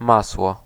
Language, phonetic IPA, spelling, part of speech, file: Polish, [ˈmaswɔ], masło, noun, Pl-masło.ogg